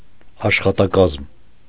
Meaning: staff, personnel
- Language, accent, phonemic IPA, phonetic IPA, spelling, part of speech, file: Armenian, Eastern Armenian, /ɑʃχɑtɑˈkɑzm/, [ɑʃχɑtɑkɑ́zm], աշխատակազմ, noun, Hy-աշխատակազմ .ogg